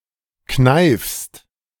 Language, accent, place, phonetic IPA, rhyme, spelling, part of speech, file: German, Germany, Berlin, [knaɪ̯fst], -aɪ̯fst, kneifst, verb, De-kneifst.ogg
- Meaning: second-person singular present of kneifen